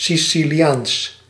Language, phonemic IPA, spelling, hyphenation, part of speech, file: Dutch, /sisiliˈaːns/, Siciliaans, Si‧ci‧li‧aans, adjective / noun, Nl-Siciliaans.ogg
- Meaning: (adjective) Sicilian, relating to the island Sicily, its inhabitants or their language and culture; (noun) the Sicilian language (or dialect), as distinct from Italian